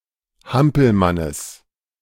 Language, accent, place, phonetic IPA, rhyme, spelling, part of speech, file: German, Germany, Berlin, [ˈhampl̩manəs], -ampl̩manəs, Hampelmannes, noun, De-Hampelmannes.ogg
- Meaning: genitive singular of Hampelmann